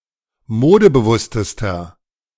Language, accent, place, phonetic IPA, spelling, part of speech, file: German, Germany, Berlin, [ˈmoːdəbəˌvʊstəstɐ], modebewusstester, adjective, De-modebewusstester.ogg
- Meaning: inflection of modebewusst: 1. strong/mixed nominative masculine singular superlative degree 2. strong genitive/dative feminine singular superlative degree 3. strong genitive plural superlative degree